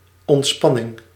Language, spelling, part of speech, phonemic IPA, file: Dutch, ontspanning, noun, /ɔntˈspɑnɪŋ/, Nl-ontspanning.ogg
- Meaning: diversion, recreation